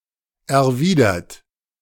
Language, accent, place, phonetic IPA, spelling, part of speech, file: German, Germany, Berlin, [ɛɐ̯ˈviːdɐt], erwidert, verb / adjective, De-erwidert.ogg
- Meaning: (verb) past participle of erwidern; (adjective) reciprocated, returned; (verb) inflection of erwidern: 1. third-person singular present 2. second-person plural present 3. plural imperative